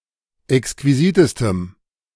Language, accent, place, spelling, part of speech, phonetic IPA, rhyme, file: German, Germany, Berlin, exquisitestem, adjective, [ɛkskviˈziːtəstəm], -iːtəstəm, De-exquisitestem.ogg
- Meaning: strong dative masculine/neuter singular superlative degree of exquisit